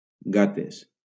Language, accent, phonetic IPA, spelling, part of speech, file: Catalan, Valencia, [ˈɡa.tes], gates, noun, LL-Q7026 (cat)-gates.wav
- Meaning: plural of gata